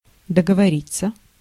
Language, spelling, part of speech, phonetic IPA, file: Russian, договориться, verb, [dəɡəvɐˈrʲit͡sːə], Ru-договориться.ogg
- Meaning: 1. to agree (mutually), to arrange (about, for), to come to an agreement / understanding (about) 2. to come (to), to talk (to the point of)